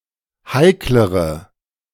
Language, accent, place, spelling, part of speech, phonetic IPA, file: German, Germany, Berlin, heiklere, adjective, [ˈhaɪ̯kləʁə], De-heiklere.ogg
- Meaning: inflection of heikel: 1. strong/mixed nominative/accusative feminine singular comparative degree 2. strong nominative/accusative plural comparative degree